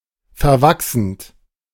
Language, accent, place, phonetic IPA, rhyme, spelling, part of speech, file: German, Germany, Berlin, [fɛɐ̯ˈvaksn̩t], -aksn̩t, verwachsend, verb, De-verwachsend.ogg
- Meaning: present participle of verwachsen